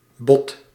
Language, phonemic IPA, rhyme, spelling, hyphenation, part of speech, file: Dutch, /bɔt/, -ɔt, bod, bod, noun, Nl-bod.ogg
- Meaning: 1. order 2. offer